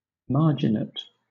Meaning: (adjective) With a well marked edge or margin; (verb) To provide with margins
- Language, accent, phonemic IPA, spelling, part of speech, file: English, Southern England, /ˈmɑː(ɹ)dʒɪneɪt/, marginate, adjective / verb, LL-Q1860 (eng)-marginate.wav